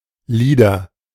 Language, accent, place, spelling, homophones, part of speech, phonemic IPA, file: German, Germany, Berlin, Lieder, Lider, noun, /ˈliːdɐ/, De-Lieder.ogg
- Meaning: nominative/accusative/genitive plural of Lied